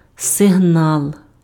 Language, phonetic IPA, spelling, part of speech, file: Ukrainian, [seɦˈnaɫ], сигнал, noun, Uk-сигнал.ogg
- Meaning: 1. signal (sign made to give notice) 2. signal (device used to give an indication to another person)